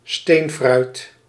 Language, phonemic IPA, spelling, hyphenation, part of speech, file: Dutch, /ˈsteːn.frœy̯t/, steenfruit, steen‧fruit, noun, Nl-steenfruit.ogg
- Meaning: stone fruit, drupes